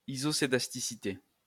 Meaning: synonym of homoscédasticité
- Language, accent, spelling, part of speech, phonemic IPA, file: French, France, isoscédasticité, noun, /i.zɔ.se.das.ti.si.te/, LL-Q150 (fra)-isoscédasticité.wav